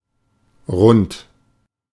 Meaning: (adjective) 1. round, rounded, similar as in English, especially: circular 2. round, rounded, similar as in English, especially: spherical, globular 3. corpulent, thick 4. regular; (adverb) around
- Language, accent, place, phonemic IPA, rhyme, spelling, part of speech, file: German, Germany, Berlin, /rʊnt/, -ʊnt, rund, adjective / adverb, De-rund.ogg